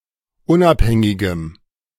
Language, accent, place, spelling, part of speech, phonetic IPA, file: German, Germany, Berlin, unabhängigem, adjective, [ˈʊnʔapˌhɛŋɪɡəm], De-unabhängigem.ogg
- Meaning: strong dative masculine/neuter singular of unabhängig